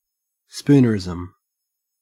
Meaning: A play on words on a phrase in which the initial (usually consonantal) sounds of two or more of the main words are transposed
- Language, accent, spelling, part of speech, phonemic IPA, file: English, Australia, spoonerism, noun, /ˈspuː.nəɹˌɪ.zəm/, En-au-spoonerism.ogg